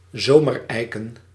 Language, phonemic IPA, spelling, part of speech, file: Dutch, /ˈzomərˌɛikə(n)/, zomereiken, noun, Nl-zomereiken.ogg
- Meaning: plural of zomereik